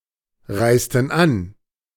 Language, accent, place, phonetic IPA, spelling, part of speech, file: German, Germany, Berlin, [ˌʁaɪ̯stn̩ ˈan], reisten an, verb, De-reisten an.ogg
- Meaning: inflection of anreisen: 1. first/third-person plural preterite 2. first/third-person plural subjunctive II